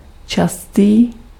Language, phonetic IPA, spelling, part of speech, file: Czech, [ˈt͡ʃastiː], častý, adjective, Cs-častý.ogg
- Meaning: frequent